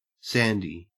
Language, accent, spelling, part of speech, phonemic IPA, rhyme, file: English, Australia, Sandy, proper noun / noun, /ˈsæn.di/, -ændi, En-au-Sandy.ogg
- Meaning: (proper noun) A unisex given name from diminutives: A diminutive of the male given names Alexander, Sander, Alasdair, Sandeep, Sanford, and Santiago